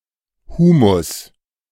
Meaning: humus (group of compounds in soil)
- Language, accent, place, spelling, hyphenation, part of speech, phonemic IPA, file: German, Germany, Berlin, Humus, Hu‧mus, noun, /ˈhuːmʊs/, De-Humus.ogg